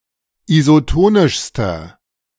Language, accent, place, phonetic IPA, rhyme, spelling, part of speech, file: German, Germany, Berlin, [izoˈtoːnɪʃstɐ], -oːnɪʃstɐ, isotonischster, adjective, De-isotonischster.ogg
- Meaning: inflection of isotonisch: 1. strong/mixed nominative masculine singular superlative degree 2. strong genitive/dative feminine singular superlative degree 3. strong genitive plural superlative degree